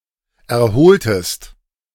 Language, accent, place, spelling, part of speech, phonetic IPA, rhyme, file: German, Germany, Berlin, erholtest, verb, [ɛɐ̯ˈhoːltəst], -oːltəst, De-erholtest.ogg
- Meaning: inflection of erholen: 1. second-person singular preterite 2. second-person singular subjunctive II